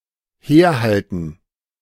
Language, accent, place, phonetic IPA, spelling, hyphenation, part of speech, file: German, Germany, Berlin, [ˈheːɐ̯ˌhaltn̩], herhalten, her‧hal‧ten, verb, De-herhalten.ogg
- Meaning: 1. to serve as 2. to hold out (to move and hold something in the direction and within reach of the speaker)